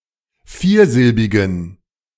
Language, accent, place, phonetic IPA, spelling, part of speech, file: German, Germany, Berlin, [ˈfiːɐ̯ˌzɪlbɪɡn̩], viersilbigen, adjective, De-viersilbigen.ogg
- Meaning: inflection of viersilbig: 1. strong genitive masculine/neuter singular 2. weak/mixed genitive/dative all-gender singular 3. strong/weak/mixed accusative masculine singular 4. strong dative plural